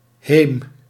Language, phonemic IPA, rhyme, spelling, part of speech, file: Dutch, /ɦeːm/, -eːm, heem, noun, Nl-heem.ogg
- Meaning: 1. house, home 2. yard